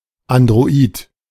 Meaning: android
- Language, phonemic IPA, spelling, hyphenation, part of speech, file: German, /andʁoˈiːt/, Android, An‧d‧ro‧id, noun, De-Android.ogg